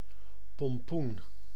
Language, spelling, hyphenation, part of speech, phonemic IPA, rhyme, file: Dutch, pompoen, pom‧poen, noun, /pɔmˈpun/, -un, Nl-pompoen.ogg
- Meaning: 1. pumpkin (plant of genus Cucurbita, or its edible fruit) 2. alternative form of pompon